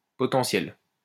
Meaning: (adjective) potential
- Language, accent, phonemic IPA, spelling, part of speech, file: French, France, /pɔ.tɑ̃.sjɛl/, potentiel, adjective / noun, LL-Q150 (fra)-potentiel.wav